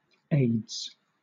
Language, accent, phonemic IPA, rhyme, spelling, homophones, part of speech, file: English, Southern England, /eɪdz/, -eɪdz, aides, ades / aids / AIDS, noun, LL-Q1860 (eng)-aides.wav
- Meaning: plural of aide